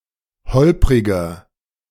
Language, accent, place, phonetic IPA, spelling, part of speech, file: German, Germany, Berlin, [ˈhɔlpʁɪɡɐ], holpriger, adjective, De-holpriger.ogg
- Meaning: 1. comparative degree of holprig 2. inflection of holprig: strong/mixed nominative masculine singular 3. inflection of holprig: strong genitive/dative feminine singular